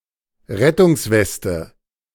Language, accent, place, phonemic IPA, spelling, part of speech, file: German, Germany, Berlin, /ˈʁɛtʊŋsˌvɛstə/, Rettungsweste, noun, De-Rettungsweste.ogg
- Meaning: 1. life jacket, life vest 2. buoyancy aid